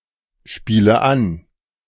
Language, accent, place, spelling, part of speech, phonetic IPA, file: German, Germany, Berlin, spiele an, verb, [ˌʃpiːlə ˈan], De-spiele an.ogg
- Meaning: inflection of anspielen: 1. first-person singular present 2. first/third-person singular subjunctive I 3. singular imperative